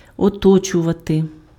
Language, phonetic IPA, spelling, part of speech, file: Ukrainian, [ɔˈtɔt͡ʃʊʋɐte], оточувати, verb, Uk-оточувати.ogg
- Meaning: 1. to surround 2. to encircle